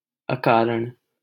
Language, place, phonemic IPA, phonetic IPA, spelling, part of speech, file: Hindi, Delhi, /ə.kɑː.ɾəɳ/, [ɐ.käː.ɾɐ̃ɳ], अकारण, adjective / adverb, LL-Q1568 (hin)-अकारण.wav
- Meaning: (adjective) baseless; causeless, without reason; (adverb) unnecessarily